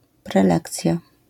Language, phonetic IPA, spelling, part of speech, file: Polish, [prɛˈlɛkt͡sʲja], prelekcja, noun, LL-Q809 (pol)-prelekcja.wav